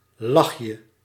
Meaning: diminutive of lach
- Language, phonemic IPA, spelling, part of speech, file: Dutch, /ˈlɑxjə/, lachje, noun, Nl-lachje.ogg